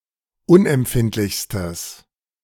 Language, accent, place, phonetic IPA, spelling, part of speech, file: German, Germany, Berlin, [ˈʊnʔɛmˌpfɪntlɪçstəs], unempfindlichstes, adjective, De-unempfindlichstes.ogg
- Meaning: strong/mixed nominative/accusative neuter singular superlative degree of unempfindlich